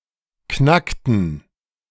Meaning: inflection of knacken: 1. first/third-person plural preterite 2. first/third-person plural subjunctive II
- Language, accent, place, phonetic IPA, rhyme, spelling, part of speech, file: German, Germany, Berlin, [ˈknaktn̩], -aktn̩, knackten, verb, De-knackten.ogg